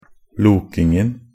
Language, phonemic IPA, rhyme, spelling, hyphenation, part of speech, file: Norwegian Bokmål, /ˈluːkɪŋn̩/, -ɪŋn̩, lokingen, lo‧king‧en, noun, Nb-lokingen.ogg
- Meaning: definite masculine singular of loking